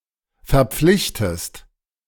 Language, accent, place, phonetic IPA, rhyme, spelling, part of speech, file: German, Germany, Berlin, [fɛɐ̯ˈp͡flɪçtəst], -ɪçtəst, verpflichtest, verb, De-verpflichtest.ogg
- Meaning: inflection of verpflichten: 1. second-person singular present 2. second-person singular subjunctive I